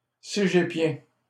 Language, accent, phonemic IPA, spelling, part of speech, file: French, Canada, /se.ʒe.pjɛ̃/, cégépien, adjective / noun, LL-Q150 (fra)-cégépien.wav
- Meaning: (adjective) cégep; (noun) a student who attend a cégep